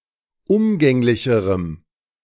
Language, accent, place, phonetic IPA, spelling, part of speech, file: German, Germany, Berlin, [ˈʊmɡɛŋlɪçəʁəm], umgänglicherem, adjective, De-umgänglicherem.ogg
- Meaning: strong dative masculine/neuter singular comparative degree of umgänglich